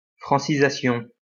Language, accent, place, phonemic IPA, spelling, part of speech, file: French, France, Lyon, /fʁɑ̃.si.za.sjɔ̃/, francisation, noun, LL-Q150 (fra)-francisation.wav
- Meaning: Frenchification, francization